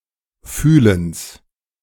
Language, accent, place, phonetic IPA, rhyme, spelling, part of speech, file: German, Germany, Berlin, [ˈfyːləns], -yːləns, Fühlens, noun, De-Fühlens.ogg
- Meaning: genitive singular of Fühlen